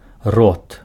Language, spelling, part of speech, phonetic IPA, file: Belarusian, род, noun, [rot], Be-род.ogg
- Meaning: 1. gender 2. genus